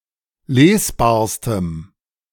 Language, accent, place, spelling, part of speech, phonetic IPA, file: German, Germany, Berlin, lesbarstem, adjective, [ˈleːsˌbaːɐ̯stəm], De-lesbarstem.ogg
- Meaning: strong dative masculine/neuter singular superlative degree of lesbar